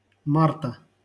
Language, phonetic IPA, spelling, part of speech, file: Russian, [ˈmartə], марта, noun, LL-Q7737 (rus)-марта.wav
- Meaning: genitive singular of март (mart)